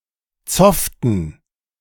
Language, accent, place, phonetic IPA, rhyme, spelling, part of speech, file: German, Germany, Berlin, [ˈt͡sɔftn̩], -ɔftn̩, zofften, verb, De-zofften.ogg
- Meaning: inflection of zoffen: 1. first/third-person plural preterite 2. first/third-person plural subjunctive II